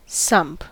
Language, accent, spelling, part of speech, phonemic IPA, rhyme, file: English, US, sump, noun / verb, /sʌmp/, -ʌmp, En-us-sump.ogg
- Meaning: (noun) 1. A hollow or pit into which liquid drains, such as a cesspool, cesspit or sink 2. The lowest part of a mineshaft into which water drains